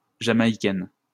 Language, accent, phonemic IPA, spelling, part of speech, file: French, France, /ʒa.ma.i.kɛn/, Jamaïcaine, noun, LL-Q150 (fra)-Jamaïcaine.wav
- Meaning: female equivalent of Jamaïcain